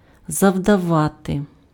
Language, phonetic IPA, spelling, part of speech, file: Ukrainian, [zɐu̯dɐˈʋate], завдавати, verb, Uk-завдавати.ogg
- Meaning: 1. to inflict, to cause (:damage, injury, loss, detriment) 2. to deal, to strike (:blow)